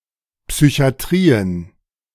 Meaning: plural of Psychiatrie
- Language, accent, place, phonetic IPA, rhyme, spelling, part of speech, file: German, Germany, Berlin, [psyçi̯aˈtʁiːən], -iːən, Psychiatrien, noun, De-Psychiatrien.ogg